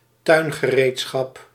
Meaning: garden tools
- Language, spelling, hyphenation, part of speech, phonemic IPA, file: Dutch, tuingereedschap, tuin‧ge‧reed‧schap, noun, /ˈtœy̯n.ɣəˌreːt.sxɑp/, Nl-tuingereedschap.ogg